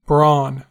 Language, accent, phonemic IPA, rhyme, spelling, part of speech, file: English, US, /bɹɔn/, -ɔːn, brawn, noun / verb, En-us-brawn.ogg
- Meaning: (noun) 1. Strong muscles or lean flesh, especially of the arm, leg or thumb 2. Physical strength; muscularity 3. Head cheese; a terrine made from the head of a pig or calf; originally boar's meat